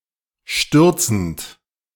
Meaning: present participle of stürzen
- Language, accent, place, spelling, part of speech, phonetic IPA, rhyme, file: German, Germany, Berlin, stürzend, verb, [ˈʃtʏʁt͡sn̩t], -ʏʁt͡sn̩t, De-stürzend.ogg